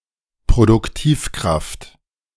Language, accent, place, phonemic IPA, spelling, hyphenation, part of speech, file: German, Germany, Berlin, /pʁodʊkˈtiːfkʁaft/, Produktivkraft, Pro‧duk‧tiv‧kraft, noun, De-Produktivkraft.ogg
- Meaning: productive force (force necessary to develop production (e.g. human brain, means of production, science and technology))